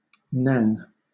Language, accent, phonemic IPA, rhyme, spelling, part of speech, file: English, Southern England, /næŋ/, -æŋ, nang, noun / adjective, LL-Q1860 (eng)-nang.wav
- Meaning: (noun) A metal bulb filled with nitrous oxide gas, inhaled for its disassociative effects, normally intended as a propellant for whipped cream